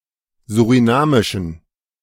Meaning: inflection of surinamisch: 1. strong genitive masculine/neuter singular 2. weak/mixed genitive/dative all-gender singular 3. strong/weak/mixed accusative masculine singular 4. strong dative plural
- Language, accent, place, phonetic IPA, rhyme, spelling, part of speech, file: German, Germany, Berlin, [zuʁiˈnaːmɪʃn̩], -aːmɪʃn̩, surinamischen, adjective, De-surinamischen.ogg